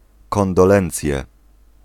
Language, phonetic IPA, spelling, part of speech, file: Polish, [ˌkɔ̃ndɔˈlɛ̃nt͡sʲjɛ], kondolencje, noun, Pl-kondolencje.ogg